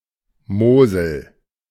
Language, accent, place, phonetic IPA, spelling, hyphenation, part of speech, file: German, Germany, Berlin, [ˈmoːzl̩], Mosel, Mo‧sel, proper noun / noun, De-Mosel.ogg